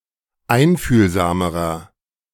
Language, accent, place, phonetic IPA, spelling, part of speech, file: German, Germany, Berlin, [ˈaɪ̯nfyːlzaːməʁɐ], einfühlsamerer, adjective, De-einfühlsamerer.ogg
- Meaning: inflection of einfühlsam: 1. strong/mixed nominative masculine singular comparative degree 2. strong genitive/dative feminine singular comparative degree 3. strong genitive plural comparative degree